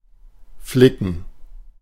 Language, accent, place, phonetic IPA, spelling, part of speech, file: German, Germany, Berlin, [ˈflɪkən], flicken, verb, De-flicken.ogg
- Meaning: to patch up, to mend